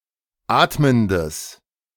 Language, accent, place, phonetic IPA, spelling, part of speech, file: German, Germany, Berlin, [ˈaːtməndəs], atmendes, adjective, De-atmendes.ogg
- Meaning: strong/mixed nominative/accusative neuter singular of atmend